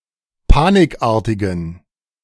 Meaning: inflection of panikartig: 1. strong genitive masculine/neuter singular 2. weak/mixed genitive/dative all-gender singular 3. strong/weak/mixed accusative masculine singular 4. strong dative plural
- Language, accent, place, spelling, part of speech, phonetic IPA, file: German, Germany, Berlin, panikartigen, adjective, [ˈpaːnɪkˌʔaːɐ̯tɪɡn̩], De-panikartigen.ogg